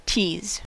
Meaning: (verb) 1. To separate the fibres of (a fibrous material) 2. To comb (originally with teasels) so that the fibres all lie in one direction 3. To backcomb
- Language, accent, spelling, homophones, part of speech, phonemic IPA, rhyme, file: English, US, tease, teas / tees, verb / noun, /tiːz/, -iːz, En-us-tease.ogg